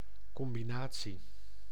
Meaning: combination: 1. the act, process or outcome of combining 2. a set-up of a truck and one or more trailers 3. a series of moves in chess 4. a series of moves in martial arts
- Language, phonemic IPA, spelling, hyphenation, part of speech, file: Dutch, /ˌkɔm.biˈnaː.(t)si/, combinatie, com‧bi‧na‧tie, noun, Nl-combinatie.ogg